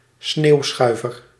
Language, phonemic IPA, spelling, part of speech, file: Dutch, /ˈsneːu̯sxœy̯vər/, sneeuwschuiver, noun, Nl-sneeuwschuiver.ogg
- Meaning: snow plough